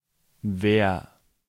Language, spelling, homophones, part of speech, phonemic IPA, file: German, wer, Wehr, pronoun, /veːr/, De-wer.ogg
- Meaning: 1. who (what person or people) 2. what, which (one) (see usage notes) 3. whoever, he who, someone who, the person who, anyone who (whatever person or persons)